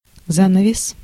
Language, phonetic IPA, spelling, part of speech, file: Russian, [ˈzanəvʲɪs], занавес, noun, Ru-занавес.ogg
- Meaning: curtain (in a theater that hides the stage from view)